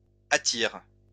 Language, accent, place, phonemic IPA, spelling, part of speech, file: French, France, Lyon, /a.tiʁ/, attire, verb, LL-Q150 (fra)-attire.wav
- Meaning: inflection of attirer: 1. first/third-person singular present indicative/subjunctive 2. second-person singular imperative